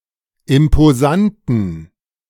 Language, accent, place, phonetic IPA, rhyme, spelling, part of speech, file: German, Germany, Berlin, [ɪmpoˈzantn̩], -antn̩, imposanten, adjective, De-imposanten.ogg
- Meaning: inflection of imposant: 1. strong genitive masculine/neuter singular 2. weak/mixed genitive/dative all-gender singular 3. strong/weak/mixed accusative masculine singular 4. strong dative plural